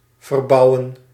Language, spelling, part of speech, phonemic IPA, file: Dutch, verbouwen, verb, /vərˈbɑuwə(n)/, Nl-verbouwen.ogg
- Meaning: 1. to build into something different, to renovate 2. to cultivate